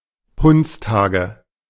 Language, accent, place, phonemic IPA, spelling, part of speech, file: German, Germany, Berlin, /ˈhʊntsˌtaːɡə/, Hundstage, noun, De-Hundstage.ogg
- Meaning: dog days